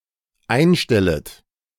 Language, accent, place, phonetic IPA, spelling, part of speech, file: German, Germany, Berlin, [ˈaɪ̯nˌʃtɛlət], einstellet, verb, De-einstellet.ogg
- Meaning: second-person plural dependent subjunctive I of einstellen